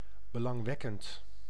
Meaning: interesting
- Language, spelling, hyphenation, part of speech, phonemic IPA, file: Dutch, belangwekkend, be‧lang‧wek‧kend, adjective, /bəˌlɑŋˈʋɛ.kənt/, Nl-belangwekkend.ogg